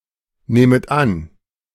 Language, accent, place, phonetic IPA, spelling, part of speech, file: German, Germany, Berlin, [ˌnɛːmət ˈan], nähmet an, verb, De-nähmet an.ogg
- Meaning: second-person plural subjunctive II of annehmen